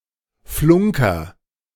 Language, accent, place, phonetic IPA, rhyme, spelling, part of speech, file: German, Germany, Berlin, [ˈflʊŋkɐ], -ʊŋkɐ, flunker, verb, De-flunker.ogg
- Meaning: inflection of flunkern: 1. first-person singular present 2. singular imperative